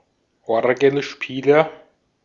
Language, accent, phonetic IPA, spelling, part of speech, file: German, Austria, [ˈɔʁɡl̩ˌʃpiːlɐ], Orgelspieler, noun, De-at-Orgelspieler.ogg
- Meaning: organist (male or of unspecified sex)